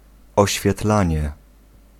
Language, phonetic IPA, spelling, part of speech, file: Polish, [ˌɔɕfʲjɛˈtlãɲɛ], oświetlanie, noun, Pl-oświetlanie.ogg